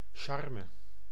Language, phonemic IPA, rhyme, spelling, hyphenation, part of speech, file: Dutch, /ˈʃɑr.mə/, -ɑrmə, charme, char‧me, noun, Nl-charme.ogg
- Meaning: charm (quality of inspiring delight or admiration)